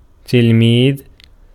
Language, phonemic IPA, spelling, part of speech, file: Arabic, /til.miːð/, تلميذ, noun, Ar-تلميذ.ogg
- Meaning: 1. pupil, student, disciple 2. apprentice 3. cadet 4. Disciple 5. Talmud